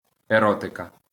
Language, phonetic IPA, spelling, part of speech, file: Ukrainian, [eˈrɔtekɐ], еротика, noun, LL-Q8798 (ukr)-еротика.wav
- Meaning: 1. eroticism 2. erotica